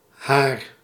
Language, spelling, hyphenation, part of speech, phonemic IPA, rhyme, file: Dutch, haar, haar, pronoun / determiner / noun, /ɦaːr/, -aːr, Nl-haar.ogg
- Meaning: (pronoun) her; third-person singular feminine objective personal pronoun; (determiner) 1. her; third-person singular feminine possessive determiner 2. their; third-person plural possessive determiner